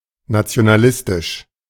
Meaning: nationalist, nationalistic
- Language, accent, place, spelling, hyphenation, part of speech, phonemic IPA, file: German, Germany, Berlin, nationalistisch, na‧ti‧o‧na‧lis‧tisch, adjective, /nat͡si̯onaˈlɪstɪʃ/, De-nationalistisch.ogg